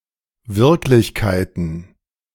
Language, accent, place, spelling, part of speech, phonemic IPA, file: German, Germany, Berlin, Wirklichkeiten, noun, /ˈvɪʁklɪçˌkaɪ̯tən/, De-Wirklichkeiten.ogg
- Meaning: plural of Wirklichkeit